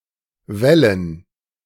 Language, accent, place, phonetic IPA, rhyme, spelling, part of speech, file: German, Germany, Berlin, [ˈvɛlən], -ɛlən, Wällen, noun, De-Wällen.ogg
- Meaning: 1. dative plural of Wall 2. gerund of wällen